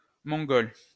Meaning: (adjective) Mongolian; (noun) 1. Mongolian language 2. Mongol (idiot)
- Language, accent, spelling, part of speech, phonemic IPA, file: French, France, mongol, adjective / noun, /mɔ̃.ɡɔl/, LL-Q150 (fra)-mongol.wav